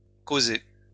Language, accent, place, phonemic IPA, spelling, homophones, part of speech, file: French, France, Lyon, /ko.ze/, causé, causai / causée / causées / causer / causés / causez, verb, LL-Q150 (fra)-causé.wav
- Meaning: past participle of causer